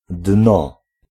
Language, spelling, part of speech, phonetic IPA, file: Polish, dno, noun, [dnɔ], Pl-dno.ogg